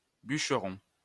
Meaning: post-1990 spelling of bûcheron
- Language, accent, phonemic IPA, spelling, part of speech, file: French, France, /byʃ.ʁɔ̃/, bucheron, noun, LL-Q150 (fra)-bucheron.wav